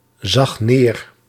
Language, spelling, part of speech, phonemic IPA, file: Dutch, zag neer, verb, /ˈzɑx ˈner/, Nl-zag neer.ogg
- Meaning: singular past indicative of neerzien